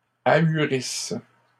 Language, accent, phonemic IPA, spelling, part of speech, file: French, Canada, /a.y.ʁis/, ahurissent, verb, LL-Q150 (fra)-ahurissent.wav
- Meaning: inflection of ahurir: 1. third-person plural present indicative/subjunctive 2. third-person plural imperfect subjunctive